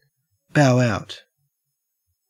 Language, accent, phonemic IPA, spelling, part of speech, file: English, Australia, /baʊ aʊt/, bow out, verb, En-au-bow out.ogg
- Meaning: To resign, or leave, with one's credibility or reputation still intact